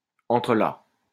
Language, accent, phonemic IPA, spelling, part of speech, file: French, France, /ɑ̃.tʁə.la/, entrelac, noun, LL-Q150 (fra)-entrelac.wav
- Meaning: entanglement; tracery